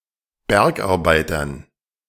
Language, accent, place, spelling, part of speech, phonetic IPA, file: German, Germany, Berlin, Bergarbeitern, noun, [ˈbɛʁkʔaʁˌbaɪ̯tɐn], De-Bergarbeitern.ogg
- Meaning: dative plural of Bergarbeiter